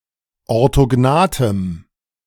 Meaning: strong dative masculine/neuter singular of orthognath
- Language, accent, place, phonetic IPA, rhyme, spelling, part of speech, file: German, Germany, Berlin, [ɔʁtoˈɡnaːtəm], -aːtəm, orthognathem, adjective, De-orthognathem.ogg